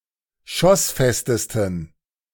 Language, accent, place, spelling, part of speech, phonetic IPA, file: German, Germany, Berlin, schossfestesten, adjective, [ˈʃɔsˌfɛstəstn̩], De-schossfestesten.ogg
- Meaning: 1. superlative degree of schossfest 2. inflection of schossfest: strong genitive masculine/neuter singular superlative degree